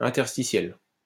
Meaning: interstitial
- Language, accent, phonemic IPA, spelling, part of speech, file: French, France, /ɛ̃.tɛʁ.sti.sjɛl/, interstitiel, adjective, LL-Q150 (fra)-interstitiel.wav